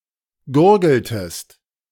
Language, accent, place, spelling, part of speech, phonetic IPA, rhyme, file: German, Germany, Berlin, gurgeltest, verb, [ˈɡʊʁɡl̩təst], -ʊʁɡl̩təst, De-gurgeltest.ogg
- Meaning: inflection of gurgeln: 1. second-person singular preterite 2. second-person singular subjunctive II